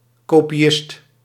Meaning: a copyist (chiefly in relation to writing)
- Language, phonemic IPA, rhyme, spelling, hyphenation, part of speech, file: Dutch, /ˌkoː.piˈɪst/, -ɪst, kopiist, ko‧pi‧ist, noun, Nl-kopiist.ogg